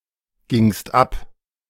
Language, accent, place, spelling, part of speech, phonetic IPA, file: German, Germany, Berlin, gingst ab, verb, [ˌɡɪŋst ˈap], De-gingst ab.ogg
- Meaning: second-person singular preterite of abgehen